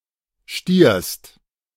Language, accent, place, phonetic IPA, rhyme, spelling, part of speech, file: German, Germany, Berlin, [ʃtiːɐ̯st], -iːɐ̯st, stierst, verb, De-stierst.ogg
- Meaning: second-person singular present of stieren